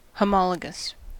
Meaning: Showing a degree of correspondence or similarity.: 1. In corresponding proportion 2. Corresponding to a similar structure in another life form with a common evolutionary origin
- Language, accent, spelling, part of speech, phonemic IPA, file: English, US, homologous, adjective, /həˈmɒləɡəs/, En-us-homologous.ogg